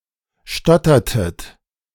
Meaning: inflection of stottern: 1. second-person plural preterite 2. second-person plural subjunctive II
- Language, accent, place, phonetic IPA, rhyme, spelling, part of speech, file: German, Germany, Berlin, [ˈʃtɔtɐtət], -ɔtɐtət, stottertet, verb, De-stottertet.ogg